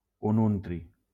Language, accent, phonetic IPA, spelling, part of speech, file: Catalan, Valencia, [uˈnun.tɾi], ununtri, noun, LL-Q7026 (cat)-ununtri.wav
- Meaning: ununtrium